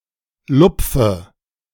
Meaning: inflection of lupfen: 1. first-person singular present 2. first/third-person singular subjunctive I 3. singular imperative
- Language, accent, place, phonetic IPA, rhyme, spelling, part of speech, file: German, Germany, Berlin, [ˈlʊp͡fə], -ʊp͡fə, lupfe, verb, De-lupfe.ogg